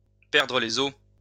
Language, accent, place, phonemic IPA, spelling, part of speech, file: French, France, Lyon, /pɛʁ.dʁə le.z‿o/, perdre les eaux, verb, LL-Q150 (fra)-perdre les eaux.wav
- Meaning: to break water (to lose one's amniotic fluids just prior to delivery, to experience water breaking)